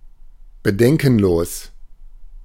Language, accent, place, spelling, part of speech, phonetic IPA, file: German, Germany, Berlin, bedenkenlos, adjective, [bəˈdɛŋkn̩ˌloːs], De-bedenkenlos.ogg
- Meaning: 1. prompt, unhesitating, uncritical, unscrupulous (without concern) 2. unthinking, thoughtless (without proper consideration)